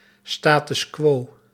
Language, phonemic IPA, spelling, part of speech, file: Dutch, /ˌstaːtʏs ˈkʋoː/, status quo, noun, Nl-status quo.ogg
- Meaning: status quo (the state of things)